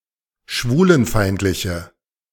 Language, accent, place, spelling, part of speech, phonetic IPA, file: German, Germany, Berlin, schwulenfeindliche, adjective, [ˈʃvuːlənˌfaɪ̯ntlɪçə], De-schwulenfeindliche.ogg
- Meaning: inflection of schwulenfeindlich: 1. strong/mixed nominative/accusative feminine singular 2. strong nominative/accusative plural 3. weak nominative all-gender singular